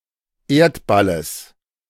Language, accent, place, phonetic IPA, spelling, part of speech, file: German, Germany, Berlin, [ˈeːɐ̯tbaləs], Erdballes, noun, De-Erdballes.ogg
- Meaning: genitive singular of Erdball